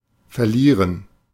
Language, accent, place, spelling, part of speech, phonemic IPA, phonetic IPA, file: German, Germany, Berlin, verlieren, verb, /fɛrˈliːrən/, [fɛɐ̯ˈliː.ʁən], De-verlieren2.ogg
- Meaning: 1. to lose (something, or a game) 2. to shed 3. to trail away, to fade away 4. to get lost